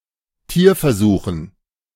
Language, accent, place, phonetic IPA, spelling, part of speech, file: German, Germany, Berlin, [ˈtiːɐ̯fɛɐ̯ˌzuːxn̩], Tierversuchen, noun, De-Tierversuchen.ogg
- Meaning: dative plural of Tierversuch